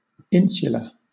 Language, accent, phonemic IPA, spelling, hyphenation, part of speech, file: English, Southern England, /ˈɪnsjələ/, insular, in‧su‧lar, adjective / noun, LL-Q1860 (eng)-insular.wav
- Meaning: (adjective) Of or being, pertaining to, situated on, or resembling an island or islands